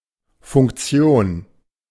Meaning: 1. role 2. feature (beneficial capability of a piece of software) 3. subroutine 4. function
- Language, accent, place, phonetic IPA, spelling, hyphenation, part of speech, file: German, Germany, Berlin, [fʊŋkˈt͡si̯oːn], Funktion, Funk‧ti‧on, noun, De-Funktion.ogg